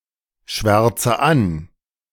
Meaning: inflection of anschwärzen: 1. first-person singular present 2. first/third-person singular subjunctive I 3. singular imperative
- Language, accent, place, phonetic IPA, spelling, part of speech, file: German, Germany, Berlin, [ˌʃvɛʁt͡sə ˈan], schwärze an, verb, De-schwärze an.ogg